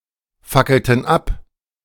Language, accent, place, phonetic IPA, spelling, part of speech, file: German, Germany, Berlin, [ˌfakl̩tn̩ ˈap], fackelten ab, verb, De-fackelten ab.ogg
- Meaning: inflection of abfackeln: 1. first/third-person plural preterite 2. first/third-person plural subjunctive II